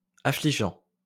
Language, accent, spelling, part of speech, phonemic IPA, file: French, France, affligeant, verb / adjective, /a.fli.ʒɑ̃/, LL-Q150 (fra)-affligeant.wav
- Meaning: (verb) present participle of affliger; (adjective) 1. distressing, saddening 2. aggrieved